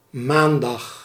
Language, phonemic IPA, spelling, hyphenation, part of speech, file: Dutch, /ˈmaːn.dɑx/, maandag, maan‧dag, noun / adverb, Nl-maandag.ogg
- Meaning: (noun) Monday; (adverb) on Monday